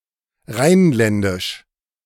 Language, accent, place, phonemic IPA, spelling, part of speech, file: German, Germany, Berlin, /ˈʁaɪ̯nˌlɛndɪʃ/, rheinländisch, adjective, De-rheinländisch.ogg
- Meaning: Rhinelandic (of the Rhineland)